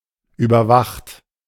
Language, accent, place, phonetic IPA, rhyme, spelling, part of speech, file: German, Germany, Berlin, [ˌyːbɐˈvaxt], -axt, überwacht, verb, De-überwacht.ogg
- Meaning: 1. past participle of überwachen 2. inflection of überwachen: second-person plural present 3. inflection of überwachen: third-person singular present 4. inflection of überwachen: plural imperative